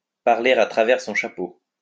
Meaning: to talk through one's hat
- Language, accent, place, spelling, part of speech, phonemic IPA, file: French, France, Lyon, parler à travers son chapeau, verb, /paʁ.le a tʁa.vɛʁ sɔ̃ ʃa.po/, LL-Q150 (fra)-parler à travers son chapeau.wav